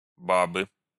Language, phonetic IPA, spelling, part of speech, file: Russian, [ˈbabɨ], бабы, noun, Ru-бабы.ogg
- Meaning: inflection of ба́ба (bába): 1. genitive singular 2. nominative plural 3. inanimate accusative plural